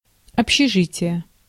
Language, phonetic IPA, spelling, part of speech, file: Russian, [ɐpɕːɪˈʐɨtʲɪje], общежитие, noun, Ru-общежитие.ogg
- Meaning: 1. dormitory 2. hostel 3. bunkhouse 4. social life, common life, community